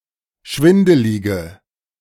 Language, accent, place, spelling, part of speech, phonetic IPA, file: German, Germany, Berlin, schwindelige, adjective, [ˈʃvɪndəlɪɡə], De-schwindelige.ogg
- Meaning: inflection of schwindelig: 1. strong/mixed nominative/accusative feminine singular 2. strong nominative/accusative plural 3. weak nominative all-gender singular